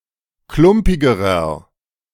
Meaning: inflection of klumpig: 1. strong/mixed nominative masculine singular comparative degree 2. strong genitive/dative feminine singular comparative degree 3. strong genitive plural comparative degree
- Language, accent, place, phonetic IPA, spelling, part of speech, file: German, Germany, Berlin, [ˈklʊmpɪɡəʁɐ], klumpigerer, adjective, De-klumpigerer.ogg